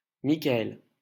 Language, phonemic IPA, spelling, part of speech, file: French, /mi.ka.ɛl/, Mikaël, proper noun, LL-Q150 (fra)-Mikaël.wav
- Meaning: a male given name